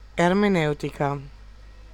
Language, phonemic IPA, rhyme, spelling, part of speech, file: Italian, /er.meˈnɛw.ti.ka/, -ɛwtika, ermeneutica, adjective / noun, It-ermeneutica.ogg
- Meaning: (adjective) feminine singular of ermeneutico (“hermeneutic, hermeneutical”); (noun) hermeneutics